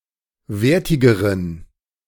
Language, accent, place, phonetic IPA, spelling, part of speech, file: German, Germany, Berlin, [ˈveːɐ̯tɪɡəʁən], wertigeren, adjective, De-wertigeren.ogg
- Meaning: inflection of wertig: 1. strong genitive masculine/neuter singular comparative degree 2. weak/mixed genitive/dative all-gender singular comparative degree